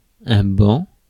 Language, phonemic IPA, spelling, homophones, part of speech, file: French, /bɑ̃/, banc, ban / bancs / bans, noun, Fr-banc.ogg
- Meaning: 1. bench (seat) 2. bank (mass of material, of cloud, fog, etc) 3. bank, shoal, school (of fish)